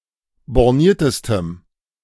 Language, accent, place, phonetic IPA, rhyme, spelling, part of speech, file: German, Germany, Berlin, [bɔʁˈniːɐ̯təstəm], -iːɐ̯təstəm, borniertestem, adjective, De-borniertestem.ogg
- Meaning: strong dative masculine/neuter singular superlative degree of borniert